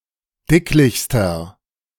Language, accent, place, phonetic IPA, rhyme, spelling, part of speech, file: German, Germany, Berlin, [ˈdɪklɪçstɐ], -ɪklɪçstɐ, dicklichster, adjective, De-dicklichster.ogg
- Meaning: inflection of dicklich: 1. strong/mixed nominative masculine singular superlative degree 2. strong genitive/dative feminine singular superlative degree 3. strong genitive plural superlative degree